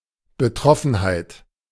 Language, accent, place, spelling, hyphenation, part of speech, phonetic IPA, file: German, Germany, Berlin, Betroffenheit, Be‧trof‧fen‧heit, noun, [bəˈtʀɔfn̩haɪ̯t], De-Betroffenheit.ogg
- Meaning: consternation, dismay, shock